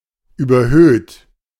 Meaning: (verb) past participle of überhöhen; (adjective) increased, inflated, higher than usual
- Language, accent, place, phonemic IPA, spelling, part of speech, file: German, Germany, Berlin, /ˌyːbɐˈhøːt/, überhöht, verb / adjective, De-überhöht.ogg